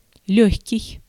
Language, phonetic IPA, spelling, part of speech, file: Russian, [ˈlʲɵxʲkʲɪj], лёгкий, adjective, Ru-лёгкий.ogg
- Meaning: 1. light, lightweight 2. easy, facile, slight 3. lucky